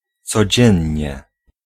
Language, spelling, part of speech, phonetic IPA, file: Polish, codziennie, adverb, [t͡sɔˈd͡ʑɛ̇̃ɲːɛ], Pl-codziennie.ogg